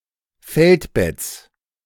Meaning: genitive singular of Feldbett
- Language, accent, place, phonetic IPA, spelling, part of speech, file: German, Germany, Berlin, [ˈfɛltˌbɛt͡s], Feldbetts, noun, De-Feldbetts.ogg